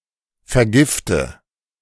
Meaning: inflection of vergiften: 1. first-person singular present 2. first/third-person singular subjunctive I 3. singular imperative
- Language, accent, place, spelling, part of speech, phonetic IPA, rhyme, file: German, Germany, Berlin, vergifte, verb, [fɛɐ̯ˈɡɪftə], -ɪftə, De-vergifte.ogg